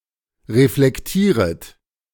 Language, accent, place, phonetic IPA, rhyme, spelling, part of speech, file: German, Germany, Berlin, [ʁeflɛkˈtiːʁət], -iːʁət, reflektieret, verb, De-reflektieret.ogg
- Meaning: second-person plural subjunctive I of reflektieren